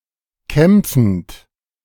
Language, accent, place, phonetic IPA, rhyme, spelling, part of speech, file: German, Germany, Berlin, [ˈkɛmp͡fn̩t], -ɛmp͡fn̩t, kämpfend, verb, De-kämpfend.ogg
- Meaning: present participle of kämpfen